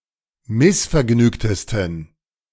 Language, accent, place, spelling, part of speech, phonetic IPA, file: German, Germany, Berlin, missvergnügtesten, adjective, [ˈmɪsfɛɐ̯ˌɡnyːktəstn̩], De-missvergnügtesten.ogg
- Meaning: 1. superlative degree of missvergnügt 2. inflection of missvergnügt: strong genitive masculine/neuter singular superlative degree